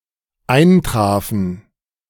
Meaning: first/third-person plural dependent preterite of eintreffen
- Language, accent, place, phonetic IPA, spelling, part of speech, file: German, Germany, Berlin, [ˈaɪ̯nˌtʁaːfn̩], eintrafen, verb, De-eintrafen.ogg